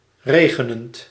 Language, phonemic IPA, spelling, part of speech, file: Dutch, /ˈreɣənənt/, regenend, verb, Nl-regenend.ogg
- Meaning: present participle of regenen